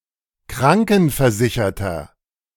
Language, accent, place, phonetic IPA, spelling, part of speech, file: German, Germany, Berlin, [ˈkʁaŋkn̩fɛɐ̯ˌzɪçɐtɐ], krankenversicherter, adjective, De-krankenversicherter.ogg
- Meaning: inflection of krankenversichert: 1. strong/mixed nominative masculine singular 2. strong genitive/dative feminine singular 3. strong genitive plural